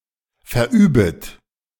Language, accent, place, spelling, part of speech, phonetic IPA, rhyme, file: German, Germany, Berlin, verübet, verb, [fɛɐ̯ˈʔyːbət], -yːbət, De-verübet.ogg
- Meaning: second-person plural subjunctive I of verüben